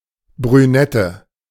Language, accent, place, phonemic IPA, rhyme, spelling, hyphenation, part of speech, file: German, Germany, Berlin, /bʁyˈnɛtə/, -ɛtə, Brünette, Brü‧net‧te, noun, De-Brünette.ogg
- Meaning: brunette (a girl or woman with brown hair)